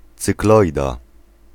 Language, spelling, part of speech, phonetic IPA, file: Polish, cykloida, noun, [t͡sɨkˈlɔjda], Pl-cykloida.ogg